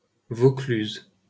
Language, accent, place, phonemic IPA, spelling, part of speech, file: French, France, Paris, /vo.klyz/, Vaucluse, proper noun, LL-Q150 (fra)-Vaucluse.wav
- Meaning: 1. Vaucluse (a department of Provence-Alpes-Côte d'Azur, France) 2. Vaucluse (a suburb of Sydney, New South Wales, Australia) 3. former name of Fontaine-de-Vaucluse